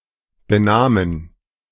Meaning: first/third-person plural preterite of benehmen
- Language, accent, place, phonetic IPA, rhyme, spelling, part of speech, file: German, Germany, Berlin, [bəˈnaːmən], -aːmən, benahmen, verb, De-benahmen.ogg